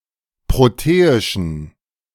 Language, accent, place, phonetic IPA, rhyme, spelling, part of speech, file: German, Germany, Berlin, [ˌpʁoˈteːɪʃn̩], -eːɪʃn̩, proteischen, adjective, De-proteischen.ogg
- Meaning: inflection of proteisch: 1. strong genitive masculine/neuter singular 2. weak/mixed genitive/dative all-gender singular 3. strong/weak/mixed accusative masculine singular 4. strong dative plural